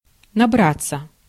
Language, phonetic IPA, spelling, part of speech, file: Russian, [nɐˈbrat͡sːə], набраться, verb, Ru-набраться.ogg
- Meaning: 1. to gather, to accumulate (of several people) 2. to pile up, to accumulate (of debts, work, etc.) 3. to collect, to summon up 4. to amount, to add up 5. to experience, to undergo